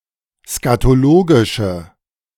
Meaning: inflection of skatologisch: 1. strong/mixed nominative/accusative feminine singular 2. strong nominative/accusative plural 3. weak nominative all-gender singular
- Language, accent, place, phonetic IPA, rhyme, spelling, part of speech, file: German, Germany, Berlin, [skatoˈloːɡɪʃə], -oːɡɪʃə, skatologische, adjective, De-skatologische.ogg